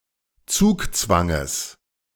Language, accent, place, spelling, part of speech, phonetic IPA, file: German, Germany, Berlin, Zugzwanges, noun, [ˈt͡suːkˌt͡svaŋəs], De-Zugzwanges.ogg
- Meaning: genitive singular of Zugzwang